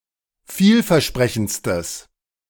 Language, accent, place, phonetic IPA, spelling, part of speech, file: German, Germany, Berlin, [ˈfiːlfɛɐ̯ˌʃpʁɛçn̩t͡stəs], vielversprechendstes, adjective, De-vielversprechendstes.ogg
- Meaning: strong/mixed nominative/accusative neuter singular superlative degree of vielversprechend